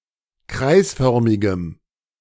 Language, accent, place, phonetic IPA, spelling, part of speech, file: German, Germany, Berlin, [ˈkʁaɪ̯sˌfœʁmɪɡəm], kreisförmigem, adjective, De-kreisförmigem.ogg
- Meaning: strong dative masculine/neuter singular of kreisförmig